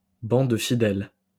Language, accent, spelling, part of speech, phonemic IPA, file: French, France, banc de fidèle, noun, /bɑ̃ də fi.dɛl/, LL-Q150 (fra)-banc de fidèle.wav
- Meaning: pew (long bench in a church)